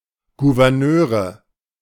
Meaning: nominative/accusative/genitive plural of Gouverneur
- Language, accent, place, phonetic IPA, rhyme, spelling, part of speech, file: German, Germany, Berlin, [ɡuvɛʁˈnøːʁə], -øːʁə, Gouverneure, noun, De-Gouverneure.ogg